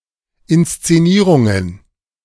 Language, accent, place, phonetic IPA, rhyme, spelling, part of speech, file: German, Germany, Berlin, [ˌɪnst͡seˈniːʁʊŋən], -iːʁʊŋən, Inszenierungen, noun, De-Inszenierungen.ogg
- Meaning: plural of Inszenierung